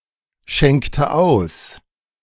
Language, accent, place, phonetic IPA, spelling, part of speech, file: German, Germany, Berlin, [ˌʃɛŋktə ˈaʊ̯s], schenkte aus, verb, De-schenkte aus.ogg
- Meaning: inflection of ausschenken: 1. first/third-person singular preterite 2. first/third-person singular subjunctive II